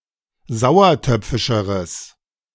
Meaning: strong/mixed nominative/accusative neuter singular comparative degree of sauertöpfisch
- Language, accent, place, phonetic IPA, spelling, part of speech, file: German, Germany, Berlin, [ˈzaʊ̯ɐˌtœp͡fɪʃəʁəs], sauertöpfischeres, adjective, De-sauertöpfischeres.ogg